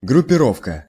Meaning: 1. coterie, faction; gang 2. grouping
- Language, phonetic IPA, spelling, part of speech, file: Russian, [ɡrʊpʲɪˈrofkə], группировка, noun, Ru-группировка.ogg